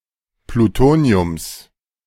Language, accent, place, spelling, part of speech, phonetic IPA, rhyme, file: German, Germany, Berlin, Plutoniums, noun, [pluˈtoːni̯ʊms], -oːni̯ʊms, De-Plutoniums.ogg
- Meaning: genitive singular of Plutonium